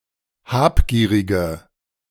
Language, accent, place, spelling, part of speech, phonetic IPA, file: German, Germany, Berlin, habgierige, adjective, [ˈhaːpˌɡiːʁɪɡə], De-habgierige.ogg
- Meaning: inflection of habgierig: 1. strong/mixed nominative/accusative feminine singular 2. strong nominative/accusative plural 3. weak nominative all-gender singular